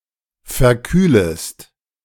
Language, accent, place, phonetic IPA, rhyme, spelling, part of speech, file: German, Germany, Berlin, [fɛɐ̯ˈkyːləst], -yːləst, verkühlest, verb, De-verkühlest.ogg
- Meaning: second-person singular subjunctive I of verkühlen